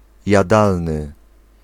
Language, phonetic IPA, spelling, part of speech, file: Polish, [jaˈdalnɨ], jadalny, adjective / noun, Pl-jadalny.ogg